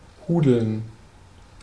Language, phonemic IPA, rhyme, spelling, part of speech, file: German, /ˈhuːdl̩n/, -uːdl̩n, hudeln, verb, De-hudeln.ogg
- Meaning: 1. to hurry; (by extension) to mess up, huddle 2. to scold, mistreat